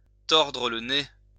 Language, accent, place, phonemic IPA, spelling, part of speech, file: French, France, Lyon, /tɔʁ.dʁə l(ə) ne/, tordre le nez, verb, LL-Q150 (fra)-tordre le nez.wav
- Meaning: to turn up one's nose [with à] (to disregard or refuse with contempt or scorn)